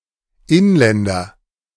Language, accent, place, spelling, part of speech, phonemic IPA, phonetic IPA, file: German, Germany, Berlin, Inländer, noun, /ˈɪnˌlɛndɐ/, [ˈʔɪnˌlɛndɐ], De-Inländer.ogg
- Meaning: native, resident, national (male or of unspecified gender)